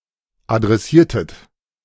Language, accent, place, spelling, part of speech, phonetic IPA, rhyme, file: German, Germany, Berlin, adressiertet, verb, [adʁɛˈsiːɐ̯tət], -iːɐ̯tət, De-adressiertet.ogg
- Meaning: inflection of adressieren: 1. second-person plural preterite 2. second-person plural subjunctive II